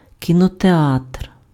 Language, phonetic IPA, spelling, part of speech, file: Ukrainian, [kʲinɔteˈatr], кінотеатр, noun, Uk-кінотеатр.ogg
- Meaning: cinema, movie theater